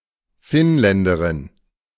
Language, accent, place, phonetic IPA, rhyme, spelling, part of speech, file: German, Germany, Berlin, [ˈfɪnˌlɛndəʁɪn], -ɪnlɛndəʁɪn, Finnländerin, noun, De-Finnländerin.ogg
- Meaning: female Finn (female person from Finland)